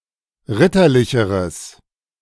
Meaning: strong/mixed nominative/accusative neuter singular comparative degree of ritterlich
- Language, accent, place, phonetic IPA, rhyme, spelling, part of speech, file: German, Germany, Berlin, [ˈʁɪtɐˌlɪçəʁəs], -ɪtɐlɪçəʁəs, ritterlicheres, adjective, De-ritterlicheres.ogg